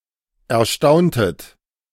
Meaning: inflection of erstaunen: 1. second-person plural preterite 2. second-person plural subjunctive II
- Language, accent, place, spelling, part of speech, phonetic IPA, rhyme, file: German, Germany, Berlin, erstauntet, verb, [ɛɐ̯ˈʃtaʊ̯ntət], -aʊ̯ntət, De-erstauntet.ogg